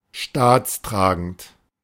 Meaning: 1. supportive of the state 2. statesmanlike
- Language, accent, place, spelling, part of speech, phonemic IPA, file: German, Germany, Berlin, staatstragend, adjective, /ˈʃtaːt͡sˌtʁaːɡn̩t/, De-staatstragend.ogg